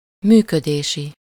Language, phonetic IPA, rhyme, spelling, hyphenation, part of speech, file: Hungarian, [ˈmyːkødeːʃi], -ʃi, működési, mű‧kö‧dé‧si, adjective, Hu-működési.ogg
- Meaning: operational